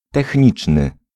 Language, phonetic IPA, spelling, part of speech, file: Polish, [tɛxʲˈɲit͡ʃnɨ], techniczny, adjective, Pl-techniczny.ogg